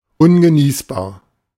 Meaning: 1. inedible, uneatable, undrinkable 2. unbearable, unattainable, insupportable
- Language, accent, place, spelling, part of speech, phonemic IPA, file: German, Germany, Berlin, ungenießbar, adjective, /ˈʊnɡəˌniːsbaːɐ̯/, De-ungenießbar.ogg